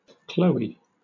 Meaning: A female given name from Ancient Greek
- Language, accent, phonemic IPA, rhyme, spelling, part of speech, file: English, Southern England, /ˈkləʊ.i/, -əʊi, Chloe, proper noun, LL-Q1860 (eng)-Chloe.wav